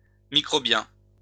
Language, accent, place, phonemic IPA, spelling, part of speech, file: French, France, Lyon, /mi.kʁɔ.bjɛ̃/, microbien, adjective, LL-Q150 (fra)-microbien.wav
- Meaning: microbial